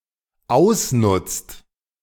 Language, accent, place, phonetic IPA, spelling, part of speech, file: German, Germany, Berlin, [ˈaʊ̯sˌnʊt͡st], ausnutzt, verb, De-ausnutzt.ogg
- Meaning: inflection of ausnutzen: 1. second/third-person singular dependent present 2. second-person plural dependent present